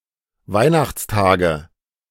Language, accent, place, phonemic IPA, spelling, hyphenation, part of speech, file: German, Germany, Berlin, /ˈvaɪ̯naxt͡sˌtaːɡə/, Weihnachtstage, Weih‧nachts‧ta‧ge, noun, De-Weihnachtstage.ogg
- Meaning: nominative/accusative/genitive plural of Weihnachtstag